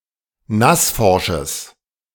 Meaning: strong/mixed nominative/accusative neuter singular of nassforsch
- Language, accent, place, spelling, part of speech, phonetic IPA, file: German, Germany, Berlin, nassforsches, adjective, [ˈnasˌfɔʁʃəs], De-nassforsches.ogg